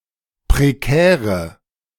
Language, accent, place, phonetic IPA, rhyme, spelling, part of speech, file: German, Germany, Berlin, [pʁeˈkɛːʁə], -ɛːʁə, prekäre, adjective, De-prekäre.ogg
- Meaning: inflection of prekär: 1. strong/mixed nominative/accusative feminine singular 2. strong nominative/accusative plural 3. weak nominative all-gender singular 4. weak accusative feminine/neuter singular